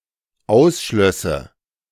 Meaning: first/third-person singular dependent subjunctive II of ausschließen
- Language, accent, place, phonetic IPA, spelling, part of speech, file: German, Germany, Berlin, [ˈaʊ̯sˌʃlœsə], ausschlösse, verb, De-ausschlösse.ogg